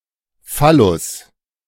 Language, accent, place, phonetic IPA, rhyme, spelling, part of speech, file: German, Germany, Berlin, [ˈfalʊs], -alʊs, Phallus, noun, De-Phallus.ogg
- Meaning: phallus